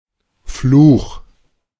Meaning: curse, malediction, bane
- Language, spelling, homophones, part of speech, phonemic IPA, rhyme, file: German, Fluch, Flug, noun, /fluːx/, -uːx, De-Fluch.oga